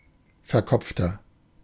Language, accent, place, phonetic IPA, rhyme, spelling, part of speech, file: German, Germany, Berlin, [fɛɐ̯ˈkɔp͡ftɐ], -ɔp͡ftɐ, verkopfter, adjective, De-verkopfter.ogg
- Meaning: 1. comparative degree of verkopft 2. inflection of verkopft: strong/mixed nominative masculine singular 3. inflection of verkopft: strong genitive/dative feminine singular